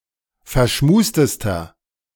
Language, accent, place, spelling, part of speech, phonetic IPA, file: German, Germany, Berlin, verschmustester, adjective, [fɛɐ̯ˈʃmuːstəstɐ], De-verschmustester.ogg
- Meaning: inflection of verschmust: 1. strong/mixed nominative masculine singular superlative degree 2. strong genitive/dative feminine singular superlative degree 3. strong genitive plural superlative degree